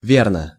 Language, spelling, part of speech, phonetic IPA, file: Russian, верно, adverb / adjective / particle, [ˈvʲernə], Ru-верно.ogg
- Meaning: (adverb) 1. right, correctly 2. truly 3. faithfully, loyally, devotedly; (adjective) it is true; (particle) 1. probably, I suppose, most likely 2. indeed, that's right